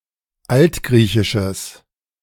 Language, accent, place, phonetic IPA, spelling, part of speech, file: German, Germany, Berlin, [ˈaltˌɡʁiːçɪʃəs], altgriechisches, adjective, De-altgriechisches.ogg
- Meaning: strong/mixed nominative/accusative neuter singular of altgriechisch